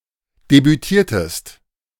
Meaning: inflection of debütieren: 1. second-person singular preterite 2. second-person singular subjunctive II
- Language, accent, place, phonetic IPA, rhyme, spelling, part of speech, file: German, Germany, Berlin, [debyˈtiːɐ̯təst], -iːɐ̯təst, debütiertest, verb, De-debütiertest.ogg